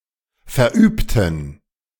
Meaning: inflection of verüben: 1. first/third-person plural preterite 2. first/third-person plural subjunctive II
- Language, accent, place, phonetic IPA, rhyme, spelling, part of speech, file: German, Germany, Berlin, [fɛɐ̯ˈʔyːptn̩], -yːptn̩, verübten, adjective / verb, De-verübten.ogg